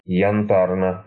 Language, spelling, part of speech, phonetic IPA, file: Russian, янтарно, adjective, [(j)ɪnˈtarnə], Ru-янтарно.ogg
- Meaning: short neuter singular of янта́рный (jantárnyj)